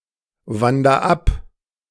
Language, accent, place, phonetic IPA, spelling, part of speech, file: German, Germany, Berlin, [ˌvandɐ ˈap], wander ab, verb, De-wander ab.ogg
- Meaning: inflection of abwandern: 1. first-person singular present 2. singular imperative